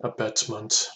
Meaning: 1. The act of abetting or assisting in a crime, wrongdoing etc 2. Encouragement or assistance
- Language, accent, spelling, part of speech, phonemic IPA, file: English, US, abetment, noun, /əˈbɛt.mənt/, En-us-abetment.oga